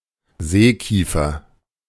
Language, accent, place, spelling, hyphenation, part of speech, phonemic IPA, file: German, Germany, Berlin, Seekiefer, See‧kie‧fer, noun, /ˈzeːˌkiːfɐ/, De-Seekiefer.ogg
- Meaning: 1. maritime pine (Pinus pinaster) 2. Aleppo pine (Pinus halepensis)